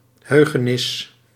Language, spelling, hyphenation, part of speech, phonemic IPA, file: Dutch, heugenis, heu‧ge‧nis, noun, /ˈɦøː.ɣə.nɪs/, Nl-heugenis.ogg
- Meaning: memory, recollection